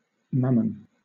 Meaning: 1. The desire for wealth personified as an evil spirit or a malign influence 2. Often mammon: wealth, material avarice, profit
- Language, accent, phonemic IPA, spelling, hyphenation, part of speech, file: English, Southern England, /ˈmæmən/, Mammon, Mam‧mon, proper noun, LL-Q1860 (eng)-Mammon.wav